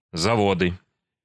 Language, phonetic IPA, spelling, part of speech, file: Russian, [zɐˈvodɨ], заводы, noun, Ru-заводы.ogg
- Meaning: nominative/accusative plural of заво́д (zavód)